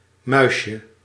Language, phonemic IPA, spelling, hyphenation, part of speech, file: Dutch, /ˈmœy̯ʃə/, muisje, muis‧je, noun, Nl-muisje.ogg
- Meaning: 1. diminutive of muis 2. sprinkles of aniseed covered with sugar